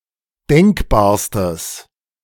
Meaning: strong/mixed nominative/accusative neuter singular superlative degree of denkbar
- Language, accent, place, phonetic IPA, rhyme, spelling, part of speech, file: German, Germany, Berlin, [ˈdɛŋkbaːɐ̯stəs], -ɛŋkbaːɐ̯stəs, denkbarstes, adjective, De-denkbarstes.ogg